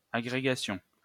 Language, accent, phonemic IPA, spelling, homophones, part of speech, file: French, France, /a.ɡʁe.ɡa.sjɔ̃/, agrégation, agrégations, noun, LL-Q150 (fra)-agrégation.wav
- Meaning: 1. aggregation 2. a high-level competitive examination for the recruitment of teachers in France